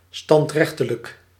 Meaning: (adjective) summary (pertaining to immediate delivery of a verdict, esp. of an execution, usually under martial law); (adverb) summarily
- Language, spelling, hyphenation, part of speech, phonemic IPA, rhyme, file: Dutch, standrechtelijk, stand‧rech‧te‧lijk, adjective / adverb, /ˌstɑntˈrɛx.tə.lək/, -ɛxtələk, Nl-standrechtelijk.ogg